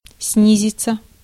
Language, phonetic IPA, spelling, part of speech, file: Russian, [ˈsnʲizʲɪt͡sə], снизиться, verb, Ru-снизиться.ogg
- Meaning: 1. to go down, to descend 2. to drop, to fall 3. passive of сни́зить (snízitʹ)